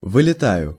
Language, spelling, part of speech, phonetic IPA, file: Russian, вылетаю, verb, [vɨlʲɪˈtajʊ], Ru-вылетаю.ogg
- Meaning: first-person singular present indicative imperfective of вылета́ть (vyletátʹ)